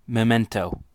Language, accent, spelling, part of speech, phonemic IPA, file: English, US, memento, noun, /məˈmɛntoʊ/, En-us-memento.ogg
- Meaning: A keepsake; an object kept as a reminder of a place or event